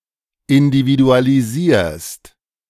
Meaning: second-person singular present of individualisieren
- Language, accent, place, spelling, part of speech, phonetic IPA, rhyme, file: German, Germany, Berlin, individualisierst, verb, [ɪndividualiˈziːɐ̯st], -iːɐ̯st, De-individualisierst.ogg